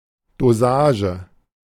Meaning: dosage (in wine-making)
- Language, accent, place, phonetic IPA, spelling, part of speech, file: German, Germany, Berlin, [doˈzaːʒ(ə)], Dosage, noun, De-Dosage.ogg